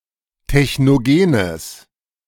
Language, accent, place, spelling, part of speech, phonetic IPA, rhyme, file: German, Germany, Berlin, technogenes, adjective, [tɛçnoˈɡeːnəs], -eːnəs, De-technogenes.ogg
- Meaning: strong/mixed nominative/accusative neuter singular of technogen